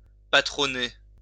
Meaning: to sponsor
- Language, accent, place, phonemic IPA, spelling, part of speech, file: French, France, Lyon, /pa.tʁɔ.ne/, patronner, verb, LL-Q150 (fra)-patronner.wav